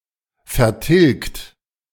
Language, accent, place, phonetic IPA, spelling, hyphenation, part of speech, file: German, Germany, Berlin, [fɛɐ̯ˈtɪlɡt], vertilgt, ver‧tilgt, verb, De-vertilgt.ogg
- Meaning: 1. past participle of vertilgen 2. inflection of vertilgen: third-person singular present 3. inflection of vertilgen: second-person plural present 4. inflection of vertilgen: plural imperative